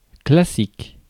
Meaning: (adjective) 1. classic 2. classical; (noun) 1. classic (a classic work of art, literature, etc.) 2. classical music
- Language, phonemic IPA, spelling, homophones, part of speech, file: French, /kla.sik/, classique, classiques, adjective / noun, Fr-classique.ogg